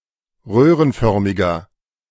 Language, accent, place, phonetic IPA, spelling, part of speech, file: German, Germany, Berlin, [ˈʁøːʁənˌfœʁmɪɡɐ], röhrenförmiger, adjective, De-röhrenförmiger.ogg
- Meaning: inflection of röhrenförmig: 1. strong/mixed nominative masculine singular 2. strong genitive/dative feminine singular 3. strong genitive plural